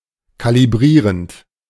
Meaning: present participle of kalibrieren
- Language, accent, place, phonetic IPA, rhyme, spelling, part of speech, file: German, Germany, Berlin, [ˌkaliˈbʁiːʁənt], -iːʁənt, kalibrierend, verb, De-kalibrierend.ogg